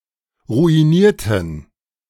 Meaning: inflection of ruinieren: 1. first/third-person plural preterite 2. first/third-person plural subjunctive II
- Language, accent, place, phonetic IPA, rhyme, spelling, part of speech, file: German, Germany, Berlin, [ʁuiˈniːɐ̯tn̩], -iːɐ̯tn̩, ruinierten, verb / adjective, De-ruinierten.ogg